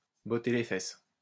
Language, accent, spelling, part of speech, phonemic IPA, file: French, France, botter les fesses, verb, /bɔ.te le fɛs/, LL-Q150 (fra)-botter les fesses.wav
- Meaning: to give a kick up the backside (to treat someone a bit roughly in order to motivate them)